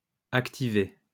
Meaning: masculine plural of activé
- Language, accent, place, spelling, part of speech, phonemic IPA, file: French, France, Lyon, activés, verb, /ak.ti.ve/, LL-Q150 (fra)-activés.wav